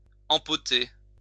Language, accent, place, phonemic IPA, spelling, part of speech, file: French, France, Lyon, /ɑ̃.pɔ.te/, empoter, verb, LL-Q150 (fra)-empoter.wav
- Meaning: 1. to pot (a plant) 2. to load liquid or gas into a tanker (road vehicle)